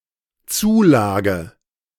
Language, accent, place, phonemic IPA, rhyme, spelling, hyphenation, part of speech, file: German, Germany, Berlin, /ˈt͡suːˌlaːɡə/, -aːɡə, Zulage, Zu‧la‧ge, noun, De-Zulage.ogg
- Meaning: allowance, bonus, extra pay